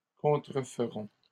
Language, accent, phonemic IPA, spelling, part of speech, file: French, Canada, /kɔ̃.tʁə.f(ə).ʁɔ̃/, contreferons, verb, LL-Q150 (fra)-contreferons.wav
- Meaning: first-person plural future of contrefaire